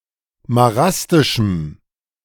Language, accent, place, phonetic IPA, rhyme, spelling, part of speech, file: German, Germany, Berlin, [maˈʁastɪʃm̩], -astɪʃm̩, marastischem, adjective, De-marastischem.ogg
- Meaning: strong dative masculine/neuter singular of marastisch